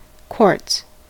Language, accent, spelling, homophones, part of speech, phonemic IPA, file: English, US, quartz, quarts, noun, /k(w)ɔɹts/, En-us-quartz.ogg
- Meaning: The most abundant mineral on the earth's surface, of chemical composition silicon dioxide, SiO₂. It occurs in a variety of forms, both crystalline and amorphous. Found in every environment